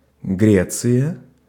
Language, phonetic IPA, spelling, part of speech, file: Russian, [ˈɡrʲet͡sɨjə], Греция, proper noun, Ru-Греция.ogg
- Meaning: Greece (a country in Southeastern Europe)